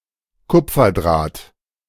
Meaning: copper wire
- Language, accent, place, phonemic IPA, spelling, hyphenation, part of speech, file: German, Germany, Berlin, /ˈkʊp͡fɐˌdʁaːt/, Kupferdraht, Kup‧fer‧draht, noun, De-Kupferdraht.ogg